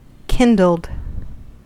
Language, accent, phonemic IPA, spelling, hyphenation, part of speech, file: English, US, /ˈkɪndl̩d/, kindled, kin‧dled, verb, En-us-kindled.ogg
- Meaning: simple past and past participle of kindle